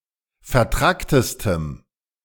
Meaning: strong dative masculine/neuter singular superlative degree of vertrackt
- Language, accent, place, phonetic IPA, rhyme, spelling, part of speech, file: German, Germany, Berlin, [fɛɐ̯ˈtʁaktəstəm], -aktəstəm, vertracktestem, adjective, De-vertracktestem.ogg